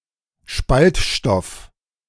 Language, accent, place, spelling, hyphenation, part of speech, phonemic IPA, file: German, Germany, Berlin, Spaltstoff, Spalt‧stoff, noun, /ˈʃpaltˌʃtɔf/, De-Spaltstoff.ogg
- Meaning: fissile material